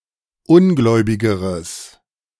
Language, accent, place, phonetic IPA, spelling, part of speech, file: German, Germany, Berlin, [ˈʊnˌɡlɔɪ̯bɪɡəʁəs], ungläubigeres, adjective, De-ungläubigeres.ogg
- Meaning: strong/mixed nominative/accusative neuter singular comparative degree of ungläubig